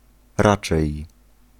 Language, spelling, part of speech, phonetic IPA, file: Polish, raczej, adverb, [ˈrat͡ʃɛj], Pl-raczej.ogg